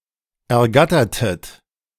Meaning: inflection of ergattern: 1. second-person plural preterite 2. second-person plural subjunctive II
- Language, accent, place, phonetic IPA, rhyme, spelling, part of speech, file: German, Germany, Berlin, [ɛɐ̯ˈɡatɐtət], -atɐtət, ergattertet, verb, De-ergattertet.ogg